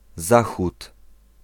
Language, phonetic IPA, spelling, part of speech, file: Polish, [ˈzaxut], Zachód, noun, Pl-Zachód.ogg